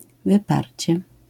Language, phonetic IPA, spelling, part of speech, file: Polish, [vɨˈparʲt͡ɕɛ], wyparcie, noun, LL-Q809 (pol)-wyparcie.wav